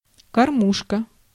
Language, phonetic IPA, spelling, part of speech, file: Russian, [kɐrˈmuʂkə], кормушка, noun, Ru-кормушка.ogg
- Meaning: 1. feeding trough 2. feeding rack, manger 3. sinecure, cushy number